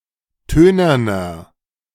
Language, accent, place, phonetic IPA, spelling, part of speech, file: German, Germany, Berlin, [ˈtøːnɐnɐ], tönerner, adjective, De-tönerner.ogg
- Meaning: inflection of tönern: 1. strong/mixed nominative masculine singular 2. strong genitive/dative feminine singular 3. strong genitive plural